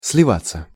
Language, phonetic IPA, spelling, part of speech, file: Russian, [s⁽ʲ⁾lʲɪˈvat͡sːə], сливаться, verb, Ru-сливаться.ogg
- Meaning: 1. to flow together, to interflow 2. to merge, to fuse, to blend 3. passive of слива́ть (slivátʹ)